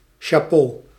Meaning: Used to express appreciation
- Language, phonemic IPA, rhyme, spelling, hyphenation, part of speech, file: Dutch, /ʃaːˈpoː/, -oː, chapeau, cha‧peau, interjection, Nl-chapeau.ogg